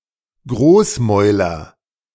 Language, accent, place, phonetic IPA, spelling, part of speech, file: German, Germany, Berlin, [ˈɡʁoːsˌmɔɪ̯lɐ], Großmäuler, noun, De-Großmäuler.ogg
- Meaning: nominative/accusative/genitive plural of Großmaul